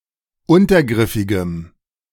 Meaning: strong dative masculine/neuter singular of untergriffig
- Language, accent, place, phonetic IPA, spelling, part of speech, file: German, Germany, Berlin, [ˈʊntɐˌɡʁɪfɪɡəm], untergriffigem, adjective, De-untergriffigem.ogg